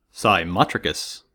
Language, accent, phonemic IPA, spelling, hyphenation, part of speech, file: English, US, /saɪˈmɑtɹɪkəs/, cymotrichous, cy‧mot‧ri‧chous, adjective, En-us-cymotrichous.ogg
- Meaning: Having wavy hair